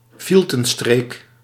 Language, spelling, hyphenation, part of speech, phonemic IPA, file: Dutch, fieltenstreek, fiel‧ten‧streek, noun, /ˈfil.tə(n)ˌstreːk/, Nl-fieltenstreek.ogg
- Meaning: fiendish trick, act of knavery